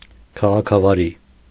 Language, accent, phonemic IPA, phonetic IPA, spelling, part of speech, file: Armenian, Eastern Armenian, /kʰɑʁɑkʰɑvɑˈɾi/, [kʰɑʁɑkʰɑvɑɾí], քաղաքավարի, adjective / adverb, Hy-քաղաքավարի.ogg
- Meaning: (adjective) polite; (adverb) politely